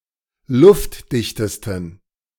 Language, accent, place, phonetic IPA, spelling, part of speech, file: German, Germany, Berlin, [ˈlʊftˌdɪçtəstn̩], luftdichtesten, adjective, De-luftdichtesten.ogg
- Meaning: 1. superlative degree of luftdicht 2. inflection of luftdicht: strong genitive masculine/neuter singular superlative degree